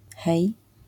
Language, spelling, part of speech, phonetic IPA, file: Polish, hej, interjection, [xɛj], LL-Q809 (pol)-hej.wav